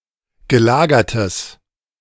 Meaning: strong/mixed nominative/accusative neuter singular of gelagert
- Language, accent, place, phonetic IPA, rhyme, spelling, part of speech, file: German, Germany, Berlin, [ɡəˈlaːɡɐtəs], -aːɡɐtəs, gelagertes, adjective, De-gelagertes.ogg